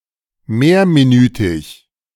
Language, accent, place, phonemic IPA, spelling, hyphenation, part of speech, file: German, Germany, Berlin, /ˈmeːɐ̯miˌnyːtɪç/, mehrminütig, mehr‧mi‧nü‧tig, adjective, De-mehrminütig.ogg
- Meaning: lasting several minutes